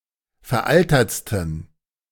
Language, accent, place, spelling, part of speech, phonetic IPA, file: German, Germany, Berlin, veraltertsten, adjective, [fɛɐ̯ˈʔaltɐt͡stn̩], De-veraltertsten.ogg
- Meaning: 1. superlative degree of veraltert 2. inflection of veraltert: strong genitive masculine/neuter singular superlative degree